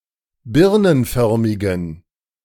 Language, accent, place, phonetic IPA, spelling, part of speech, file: German, Germany, Berlin, [ˈbɪʁnənˌfœʁmɪɡn̩], birnenförmigen, adjective, De-birnenförmigen.ogg
- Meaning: inflection of birnenförmig: 1. strong genitive masculine/neuter singular 2. weak/mixed genitive/dative all-gender singular 3. strong/weak/mixed accusative masculine singular 4. strong dative plural